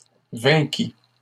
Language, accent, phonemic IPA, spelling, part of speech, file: French, Canada, /vɛ̃.ki/, vainquis, verb, LL-Q150 (fra)-vainquis.wav
- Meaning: first/second-person singular past historic of vaincre